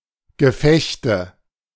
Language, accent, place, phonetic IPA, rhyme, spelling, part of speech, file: German, Germany, Berlin, [ɡəˈfɛçtə], -ɛçtə, Gefechte, noun, De-Gefechte.ogg
- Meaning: nominative/accusative/genitive plural of Gefecht